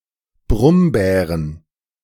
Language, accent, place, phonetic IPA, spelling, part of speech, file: German, Germany, Berlin, [ˈbʁʊmˌbɛːʁən], Brummbären, noun, De-Brummbären.ogg
- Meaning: plural of Brummbär